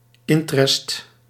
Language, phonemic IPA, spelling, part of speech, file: Dutch, /ˈɪntrɛst/, intrest, noun, Nl-intrest.ogg
- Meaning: alternative form of interest